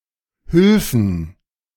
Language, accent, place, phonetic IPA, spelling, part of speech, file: German, Germany, Berlin, [ˈhʏlfn̩], Hülfen, noun, De-Hülfen.ogg
- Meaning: plural of Hülfe